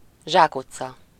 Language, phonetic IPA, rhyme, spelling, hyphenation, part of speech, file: Hungarian, [ˈʒaːkut͡sːɒ], -t͡sɒ, zsákutca, zsák‧ut‧ca, noun, Hu-zsákutca.ogg
- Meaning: 1. dead-end, blind alley, cul-de-sac, impasse (a street that leads nowhere) 2. impasse (a deadlock or stalemate situation in which no progress can be made)